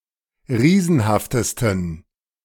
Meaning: 1. superlative degree of riesenhaft 2. inflection of riesenhaft: strong genitive masculine/neuter singular superlative degree
- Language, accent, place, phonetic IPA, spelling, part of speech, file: German, Germany, Berlin, [ˈʁiːzn̩haftəstn̩], riesenhaftesten, adjective, De-riesenhaftesten.ogg